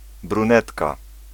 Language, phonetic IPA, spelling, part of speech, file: Polish, [brũˈnɛtka], brunetka, noun, Pl-brunetka.ogg